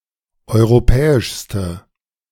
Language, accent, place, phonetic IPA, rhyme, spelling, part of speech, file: German, Germany, Berlin, [ˌɔɪ̯ʁoˈpɛːɪʃstə], -ɛːɪʃstə, europäischste, adjective, De-europäischste.ogg
- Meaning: inflection of europäisch: 1. strong/mixed nominative/accusative feminine singular superlative degree 2. strong nominative/accusative plural superlative degree